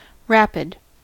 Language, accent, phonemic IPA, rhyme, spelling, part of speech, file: English, US, /ˈɹæp.ɪd/, -æpɪd, rapid, adjective / adverb / noun, En-us-rapid.ogg
- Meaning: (adjective) 1. Very swift or quick 2. Steep, changing altitude quickly. (of a slope) 3. Needing only a brief exposure time. (of a lens, plate, film, etc.) 4. Violent, severe 5. Happy; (adverb) Rapidly